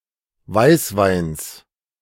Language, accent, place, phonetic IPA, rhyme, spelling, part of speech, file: German, Germany, Berlin, [ˈvaɪ̯sˌvaɪ̯ns], -aɪ̯svaɪ̯ns, Weißweins, noun, De-Weißweins.ogg
- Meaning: genitive singular of Weißwein